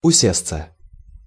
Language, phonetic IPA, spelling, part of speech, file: Russian, [ʊˈsʲest͡sə], усесться, verb, Ru-усесться.ogg
- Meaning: to sit down (comfortably), to take a seat